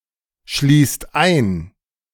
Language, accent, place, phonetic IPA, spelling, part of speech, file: German, Germany, Berlin, [ˌʃliːst ˈaɪ̯n], schließt ein, verb, De-schließt ein.ogg
- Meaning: inflection of einschließen: 1. second/third-person singular present 2. second-person plural present 3. plural imperative